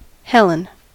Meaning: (proper noun) 1. The daughter of Zeus and Leda, considered to be the most beautiful woman in the world; her abduction by Paris brought about the Trojan War 2. A female given name from Ancient Greek
- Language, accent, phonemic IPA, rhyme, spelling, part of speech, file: English, US, /ˈhɛlən/, -ɛlən, Helen, proper noun / noun, En-us-Helen.ogg